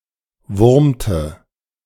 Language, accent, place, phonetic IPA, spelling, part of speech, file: German, Germany, Berlin, [ˈvʊʁmtə], wurmte, verb, De-wurmte.ogg
- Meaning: inflection of wurmen: 1. first/third-person singular preterite 2. first/third-person singular subjunctive II